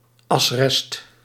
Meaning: residual ash
- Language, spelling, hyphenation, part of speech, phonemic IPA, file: Dutch, asrest, as‧rest, noun, /ˈɑs.rɛst/, Nl-asrest.ogg